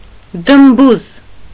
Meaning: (noun) 1. fist 2. buttock; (adjective) plump
- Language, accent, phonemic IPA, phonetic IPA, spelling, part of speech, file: Armenian, Eastern Armenian, /dəmˈbuz/, [dəmbúz], դմբուզ, noun / adjective, Hy-դմբուզ.ogg